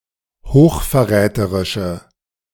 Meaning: inflection of hochverräterisch: 1. strong/mixed nominative/accusative feminine singular 2. strong nominative/accusative plural 3. weak nominative all-gender singular
- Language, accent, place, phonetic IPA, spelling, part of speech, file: German, Germany, Berlin, [hoːxfɛɐ̯ˈʁɛːtəʁɪʃə], hochverräterische, adjective, De-hochverräterische.ogg